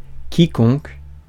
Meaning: anyone, whoever, whosoever
- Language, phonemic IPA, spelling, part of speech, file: French, /ki.kɔ̃k/, quiconque, pronoun, Fr-quiconque.ogg